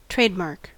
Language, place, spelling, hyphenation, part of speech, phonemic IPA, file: English, California, trademark, trade‧mark, noun / verb / adjective, /ˈtɹeɪdmɑɹk/, En-us-trademark.ogg
- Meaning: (noun) A word, symbol, or phrase used to identify a particular company's product and differentiate it from other companies' products